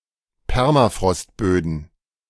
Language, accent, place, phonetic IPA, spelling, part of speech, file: German, Germany, Berlin, [ˈpɛʁmafʁɔstˌbøːdn̩], Permafrostböden, noun, De-Permafrostböden.ogg
- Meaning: plural of Permafrostboden